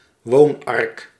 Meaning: houseboat
- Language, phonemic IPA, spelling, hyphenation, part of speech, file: Dutch, /ˈʋoːn.ɑrk/, woonark, woon‧ark, noun, Nl-woonark.ogg